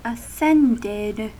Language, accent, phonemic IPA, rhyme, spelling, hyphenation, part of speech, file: English, US, /əˈsɛndɪd/, -ɛndɪd, ascended, as‧cend‧ed, verb, En-us-ascended.ogg
- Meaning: simple past and past participle of ascend